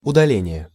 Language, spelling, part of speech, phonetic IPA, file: Russian, удаление, noun, [ʊdɐˈlʲenʲɪje], Ru-удаление.ogg
- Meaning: 1. moving off, moving away 2. sending away, sending off 3. deletion, removal (the act of deleting) 4. ablation, surgical removal 5. distance